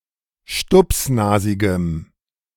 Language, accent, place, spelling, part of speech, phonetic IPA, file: German, Germany, Berlin, stupsnasigem, adjective, [ˈʃtʊpsˌnaːzɪɡəm], De-stupsnasigem.ogg
- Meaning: strong dative masculine/neuter singular of stupsnasig